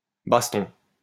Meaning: scrap, fight
- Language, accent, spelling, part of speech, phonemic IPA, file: French, France, baston, noun, /bas.tɔ̃/, LL-Q150 (fra)-baston.wav